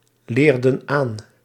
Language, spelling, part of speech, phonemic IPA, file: Dutch, leerden aan, verb, /ˈlerdə(n) ˈan/, Nl-leerden aan.ogg
- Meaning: inflection of aanleren: 1. plural past indicative 2. plural past subjunctive